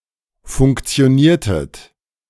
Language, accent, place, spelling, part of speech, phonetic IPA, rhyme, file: German, Germany, Berlin, funktioniertet, verb, [fʊŋkt͡si̯oˈniːɐ̯tət], -iːɐ̯tət, De-funktioniertet.ogg
- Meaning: inflection of funktionieren: 1. second-person plural preterite 2. second-person plural subjunctive II